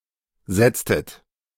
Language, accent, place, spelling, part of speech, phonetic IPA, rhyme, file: German, Germany, Berlin, setztet, verb, [ˈzɛt͡stət], -ɛt͡stət, De-setztet.ogg
- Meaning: inflection of setzen: 1. second-person plural preterite 2. second-person plural subjunctive II